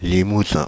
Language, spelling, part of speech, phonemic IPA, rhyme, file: French, Limousin, proper noun / noun, /li.mu.zɛ̃/, -ɛ̃, Fr-Limousin.ogg
- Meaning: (proper noun) Limousin (a geographic region and former administrative region of France; since 2016, part of the administrative region of Nouvelle-Aquitaine)